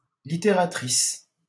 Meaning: female equivalent of littérateur: litteratrice (female writer)
- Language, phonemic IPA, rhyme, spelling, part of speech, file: French, /li.te.ʁa.tʁis/, -is, littératrice, noun, LL-Q150 (fra)-littératrice.wav